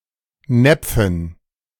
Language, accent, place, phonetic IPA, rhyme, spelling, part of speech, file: German, Germany, Berlin, [ˈnɛp͡fn̩], -ɛp͡fn̩, Näpfen, noun, De-Näpfen.ogg
- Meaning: dative plural of Napf